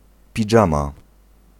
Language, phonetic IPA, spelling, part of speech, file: Polish, [pʲiˈd͡ʒãma], pidżama, noun, Pl-pidżama.ogg